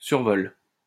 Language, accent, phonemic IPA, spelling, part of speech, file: French, France, /syʁ.vɔl/, survol, noun, LL-Q150 (fra)-survol.wav
- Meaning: 1. flying over (act of flying over something) 2. skim through (quick browse)